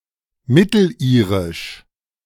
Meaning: Middle Irish (language)
- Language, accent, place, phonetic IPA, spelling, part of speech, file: German, Germany, Berlin, [ˈmɪtl̩ˌʔiːʁɪʃ], Mittelirisch, noun, De-Mittelirisch.ogg